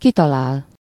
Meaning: 1. to find one’s way (out), to see oneself out (from the original, literal meaning of ki and talál) 2. to guess, to figure out (e.g. a solution to a challenge or problem)
- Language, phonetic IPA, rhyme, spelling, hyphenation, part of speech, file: Hungarian, [ˈkitɒlaːl], -aːl, kitalál, ki‧ta‧lál, verb, Hu-kitalál.ogg